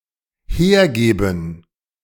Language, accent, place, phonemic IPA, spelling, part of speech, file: German, Germany, Berlin, /ˈheːɐ̯ˌɡeːbn̩/, hergeben, verb, De-hergeben.ogg
- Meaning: 1. to hand over (towards speaker) 2. to provide